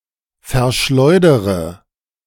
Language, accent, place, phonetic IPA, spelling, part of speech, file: German, Germany, Berlin, [fɛɐ̯ˈʃlɔɪ̯dəʁə], verschleudere, verb, De-verschleudere.ogg
- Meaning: inflection of verschleudern: 1. first-person singular present 2. first/third-person singular subjunctive I 3. singular imperative